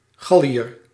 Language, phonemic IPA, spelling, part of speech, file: Dutch, /ˈɣɑ.li.ər/, Galliër, noun, Nl-Galliër.ogg
- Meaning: Gaul (native or inhabitant of the historical region of Gaul, or poetically the modern nation of France) (usually male)